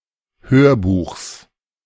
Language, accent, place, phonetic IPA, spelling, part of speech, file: German, Germany, Berlin, [ˈhøːɐ̯ˌbuːxs], Hörbuchs, noun, De-Hörbuchs.ogg
- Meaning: genitive singular of Hörbuch